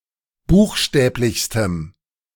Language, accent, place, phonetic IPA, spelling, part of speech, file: German, Germany, Berlin, [ˈbuːxˌʃtɛːplɪçstəm], buchstäblichstem, adjective, De-buchstäblichstem.ogg
- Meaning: strong dative masculine/neuter singular superlative degree of buchstäblich